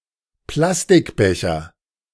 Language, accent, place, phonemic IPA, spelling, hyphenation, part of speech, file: German, Germany, Berlin, /ˈplastɪkˌbɛçɐ/, Plastikbecher, Plas‧tik‧be‧cher, noun, De-Plastikbecher.ogg
- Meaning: plastic cup